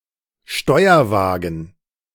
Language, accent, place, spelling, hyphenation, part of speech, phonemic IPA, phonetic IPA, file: German, Germany, Berlin, Steuerwagen, Steu‧er‧wa‧gen, noun, /ˈʃtɔɪ̯ɐˌvaːɡən/, [ˈʃtɔɪ̯ɐˌvaːɡŋ̩], De-Steuerwagen.ogg
- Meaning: control car, cab car, driving trailer (a non-powered passenger car equipped with a driver's cab to operate a push-pull train from the front while being pushed by a locomotive at the rear)